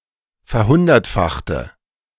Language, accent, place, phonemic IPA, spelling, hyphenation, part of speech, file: German, Germany, Berlin, /fɛɐ̯ˈhʊndɐtˌfaxtə/, verhundertfachte, ver‧hun‧dert‧fach‧te, verb, De-verhundertfachte.ogg
- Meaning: inflection of verhundertfachen: 1. first/third-person singular preterite 2. first/third-person singular subjunctive II